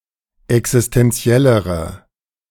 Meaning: inflection of existentiell: 1. strong/mixed nominative/accusative feminine singular comparative degree 2. strong nominative/accusative plural comparative degree
- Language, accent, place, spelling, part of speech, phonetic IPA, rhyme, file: German, Germany, Berlin, existentiellere, adjective, [ɛksɪstɛnˈt͡si̯ɛləʁə], -ɛləʁə, De-existentiellere.ogg